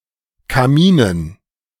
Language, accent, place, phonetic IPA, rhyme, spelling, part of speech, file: German, Germany, Berlin, [kaˈmiːnən], -iːnən, Kaminen, noun, De-Kaminen.ogg
- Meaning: dative plural of Kamin